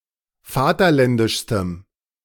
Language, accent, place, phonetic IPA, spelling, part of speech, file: German, Germany, Berlin, [ˈfaːtɐˌlɛndɪʃstəm], vaterländischstem, adjective, De-vaterländischstem.ogg
- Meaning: strong dative masculine/neuter singular superlative degree of vaterländisch